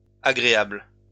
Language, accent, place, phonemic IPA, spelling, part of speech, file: French, France, Lyon, /a.ɡʁe.abl/, agréables, adjective, LL-Q150 (fra)-agréables.wav
- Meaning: 1. plural of agréable 2. feminine plural of agréable